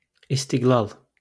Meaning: independence
- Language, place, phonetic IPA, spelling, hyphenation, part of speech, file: Azerbaijani, Baku, [istiɡˈɫɑɫ], istiqlal, is‧tiq‧lal, noun, LL-Q9292 (aze)-istiqlal.wav